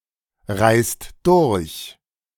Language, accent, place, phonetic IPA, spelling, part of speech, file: German, Germany, Berlin, [ˌʁaɪ̯st ˈdʊʁç], reist durch, verb, De-reist durch.ogg
- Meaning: inflection of durchreisen: 1. second-person singular/plural present 2. third-person singular present 3. plural imperative